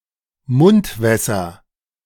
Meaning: nominative/accusative/genitive plural of Mundwasser
- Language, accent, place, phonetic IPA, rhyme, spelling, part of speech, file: German, Germany, Berlin, [ˈmʊntˌvɛsɐ], -ʊntvɛsɐ, Mundwässer, noun, De-Mundwässer.ogg